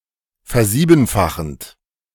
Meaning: present participle of versiebenfachen
- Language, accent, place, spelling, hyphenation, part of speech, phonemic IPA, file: German, Germany, Berlin, versiebenfachend, ver‧sie‧ben‧fa‧chend, verb, /fɛɐ̯ˈziːbn̩faxənt/, De-versiebenfachend.ogg